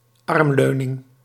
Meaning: armrest
- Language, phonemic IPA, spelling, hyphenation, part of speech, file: Dutch, /ˈɑrmˌløː.nɪŋ/, armleuning, arm‧leu‧ning, noun, Nl-armleuning.ogg